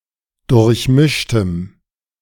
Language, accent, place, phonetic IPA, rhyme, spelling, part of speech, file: German, Germany, Berlin, [dʊʁçˈmɪʃtəm], -ɪʃtəm, durchmischtem, adjective, De-durchmischtem.ogg
- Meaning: strong dative masculine/neuter singular of durchmischt